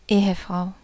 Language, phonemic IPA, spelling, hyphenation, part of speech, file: German, /ˈeːəˌfʁaʊ̯/, Ehefrau, Ehe‧frau, noun, De-Ehefrau.ogg
- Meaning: married woman, wife